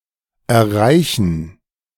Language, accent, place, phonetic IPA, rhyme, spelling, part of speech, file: German, Germany, Berlin, [ɛɐ̯ˈʁaɪ̯çn̩], -aɪ̯çn̩, Erreichen, noun, De-Erreichen.ogg
- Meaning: gerund of erreichen (“achievement, achieving; reaching”)